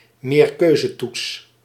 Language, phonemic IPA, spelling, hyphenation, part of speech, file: Dutch, /meːrˈkøː.zəˌtuts/, meerkeuzetoets, meer‧keu‧ze‧toets, noun, Nl-meerkeuzetoets.ogg
- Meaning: multiple-choice test